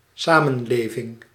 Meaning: 1. society (long-standing group of people sharing cultural aspects; people of one’s country or community taken as a whole) 2. cohabitation
- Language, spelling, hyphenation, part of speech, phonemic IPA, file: Dutch, samenleving, sa‧men‧le‧ving, noun, /ˈsaː.mə(n)ˌleː.vɪŋ/, Nl-samenleving.ogg